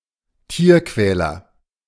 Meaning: animal abuser; animal tormentor; person who is cruel to animals
- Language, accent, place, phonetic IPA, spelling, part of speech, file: German, Germany, Berlin, [ˈtiːɐ̯ˌkvɛːlɐ], Tierquäler, noun, De-Tierquäler.ogg